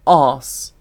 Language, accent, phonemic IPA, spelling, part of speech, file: English, UK, /ɑːs/, arse, noun / verb / interjection, En-uk-arse.ogg
- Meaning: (noun) 1. A person's buttocks; the bottom, the backside. Also: the anus; the rectum 2. A stupid, pompous, arrogant, mean or despicable person 3. Used in similes to express something bad or unpleasant